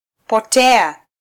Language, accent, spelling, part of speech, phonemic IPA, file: Swahili, Kenya, potea, verb, /pɔˈtɛ.ɑ/, Sw-ke-potea.flac
- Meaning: Applicative form of -pota: to be lost